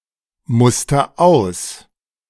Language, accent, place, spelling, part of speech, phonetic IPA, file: German, Germany, Berlin, muster aus, verb, [ˌmʊstɐ ˈaʊ̯s], De-muster aus.ogg
- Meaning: inflection of ausmustern: 1. first-person singular present 2. singular imperative